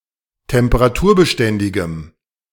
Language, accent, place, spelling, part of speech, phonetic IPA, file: German, Germany, Berlin, temperaturbeständigem, adjective, [tɛmpəʁaˈtuːɐ̯bəˌʃtɛndɪɡəm], De-temperaturbeständigem.ogg
- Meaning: strong dative masculine/neuter singular of temperaturbeständig